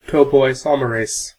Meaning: Any of several enzymes that affect the topology of DNA, especially ones that relax supercoiling
- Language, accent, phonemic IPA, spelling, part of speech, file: English, US, /ˌtɑpoʊˌaɪˈsɑməˌɹeɪs/, topoisomerase, noun, En-us-topoisomerase.ogg